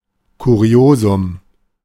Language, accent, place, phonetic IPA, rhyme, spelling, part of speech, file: German, Germany, Berlin, [kuˈʁi̯oːzʊm], -oːzʊm, Kuriosum, noun, De-Kuriosum.ogg
- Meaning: curiosity (unique or extraordinary object which arouses interest)